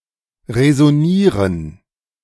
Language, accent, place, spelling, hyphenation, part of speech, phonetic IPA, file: German, Germany, Berlin, resonieren, re‧so‧nie‧ren, verb, [ʁəzoˈniːʁən], De-resonieren.ogg
- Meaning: to resonate